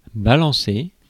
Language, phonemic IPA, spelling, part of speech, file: French, /ba.lɑ̃.se/, balancer, verb, Fr-balancer.ogg
- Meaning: 1. to swing (to do a reciprocating movement) 2. to swing (to ride on a swing) 3. to toss, to throw away, to discard 4. to denounce, to rat out on (to make a formal or public accusation against)